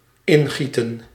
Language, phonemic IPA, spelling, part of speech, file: Dutch, /ˈɪnˌɣi.tə(n)/, ingieten, verb, Nl-ingieten.ogg
- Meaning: to pour in